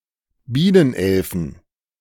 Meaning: plural of Bienenelfe
- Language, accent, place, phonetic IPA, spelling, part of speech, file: German, Germany, Berlin, [ˈbiːnənˌʔɛlfn̩], Bienenelfen, noun, De-Bienenelfen.ogg